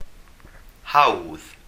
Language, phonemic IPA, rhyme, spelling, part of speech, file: Welsh, /hau̯ð/, -au̯ð, hawdd, adjective, Cy-hawdd.ogg
- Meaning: easy